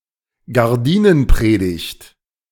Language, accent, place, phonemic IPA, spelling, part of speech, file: German, Germany, Berlin, /ɡaʁˈdiːnənˌpʁeːdɪçt/, Gardinenpredigt, noun, De-Gardinenpredigt.ogg
- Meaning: reprehension, typically of the husband by his wife